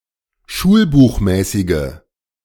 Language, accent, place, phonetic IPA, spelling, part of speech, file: German, Germany, Berlin, [ˈʃuːlbuːxˌmɛːsɪɡə], schulbuchmäßige, adjective, De-schulbuchmäßige.ogg
- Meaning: inflection of schulbuchmäßig: 1. strong/mixed nominative/accusative feminine singular 2. strong nominative/accusative plural 3. weak nominative all-gender singular